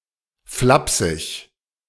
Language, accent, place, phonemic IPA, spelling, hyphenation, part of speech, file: German, Germany, Berlin, /ˈflapsɪç/, flapsig, flap‧sig, adjective, De-flapsig.ogg
- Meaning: nonchalant, unheeding, impolite